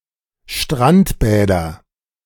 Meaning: nominative/accusative/genitive plural of Strandbad
- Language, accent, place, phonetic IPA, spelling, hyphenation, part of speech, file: German, Germany, Berlin, [ʃtʁantbɛːdɐ], Strandbäder, Strand‧bä‧der, noun, De-Strandbäder.ogg